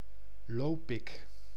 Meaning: a village and municipality of Utrecht, Netherlands
- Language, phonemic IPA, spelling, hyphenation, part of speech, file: Dutch, /ˈloː.pɪk/, Lopik, Lo‧pik, proper noun, Nl-Lopik.ogg